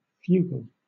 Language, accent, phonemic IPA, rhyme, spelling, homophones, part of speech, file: English, Southern England, /ˈfjuːɡəl/, -uːɡəl, fugle, fugal, verb, LL-Q1860 (eng)-fugle.wav
- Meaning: To manoeuvre, jiggle or manipulate